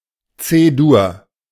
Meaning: C major: 1. C major ("the major chord with a root of C") 2. C major ("the major key with C as its tonic")
- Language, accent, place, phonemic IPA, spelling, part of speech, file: German, Germany, Berlin, /ˈt͡seːduːɐ̯/, C-Dur, noun, De-C-Dur.ogg